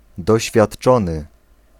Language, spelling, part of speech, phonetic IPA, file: Polish, doświadczony, adjective / verb, [ˌdɔɕfʲjaṭˈt͡ʃɔ̃nɨ], Pl-doświadczony.ogg